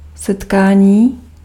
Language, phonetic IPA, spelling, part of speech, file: Czech, [ˈsɛtkaːɲiː], setkání, noun, Cs-setkání.ogg
- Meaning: 1. verbal noun of setkat 2. meeting (planned) 3. meeting, encounter (accidental)